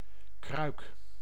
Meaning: 1. jug, crock 2. hot water bottle
- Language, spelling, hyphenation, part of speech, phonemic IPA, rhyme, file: Dutch, kruik, kruik, noun, /krœy̯k/, -œy̯k, Nl-kruik.ogg